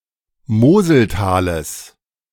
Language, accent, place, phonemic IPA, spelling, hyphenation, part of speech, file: German, Germany, Berlin, /ˈmoːzəlˌtaːləs/, Moseltales, Mo‧sel‧ta‧les, proper noun, De-Moseltales.ogg
- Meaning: genitive singular of Moseltal